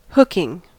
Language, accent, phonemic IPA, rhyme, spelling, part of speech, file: English, US, /ˈhʊkɪŋ/, -ʊkɪŋ, hooking, verb / noun, En-us-hooking.ogg
- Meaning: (verb) present participle and gerund of hook; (noun) 1. The act of catching or fastening something on a hook 2. The penalized action of using one's stick to restrain an opponent